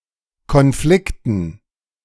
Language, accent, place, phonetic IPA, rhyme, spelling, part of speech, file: German, Germany, Berlin, [kɔnˈflɪktn̩], -ɪktn̩, Konflikten, noun, De-Konflikten.ogg
- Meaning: dative plural of Konflikt